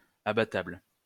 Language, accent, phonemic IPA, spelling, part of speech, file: French, France, /a.ba.tabl/, abattable, adjective, LL-Q150 (fra)-abattable.wav
- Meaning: slaughterable